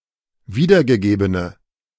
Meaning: inflection of wiedergegeben: 1. strong/mixed nominative/accusative feminine singular 2. strong nominative/accusative plural 3. weak nominative all-gender singular
- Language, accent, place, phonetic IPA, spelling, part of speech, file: German, Germany, Berlin, [ˈviːdɐɡəˌɡeːbənə], wiedergegebene, adjective, De-wiedergegebene.ogg